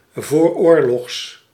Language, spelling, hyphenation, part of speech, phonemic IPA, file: Dutch, vooroorlogs, voor‧oor‧logs, adjective, /voːrˈoːrlɔxs/, Nl-vooroorlogs.ogg
- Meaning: which is built, made or existed before World War II